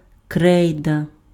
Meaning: chalk
- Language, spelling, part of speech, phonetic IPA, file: Ukrainian, крейда, noun, [ˈkrɛi̯dɐ], Uk-крейда.ogg